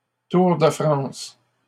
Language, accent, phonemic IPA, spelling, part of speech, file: French, Canada, /tuʁ də fʁɑ̃s/, Tour de France, proper noun, LL-Q150 (fra)-Tour de France.wav
- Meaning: Tour de France (annual cycling race through France)